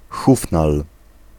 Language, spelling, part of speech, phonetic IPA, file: Polish, hufnal, noun, [ˈxufnal], Pl-hufnal.ogg